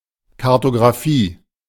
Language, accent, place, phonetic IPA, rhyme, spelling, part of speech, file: German, Germany, Berlin, [kaʁtoɡʁaˈfiː], -iː, Kartografie, noun, De-Kartografie.ogg
- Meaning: cartography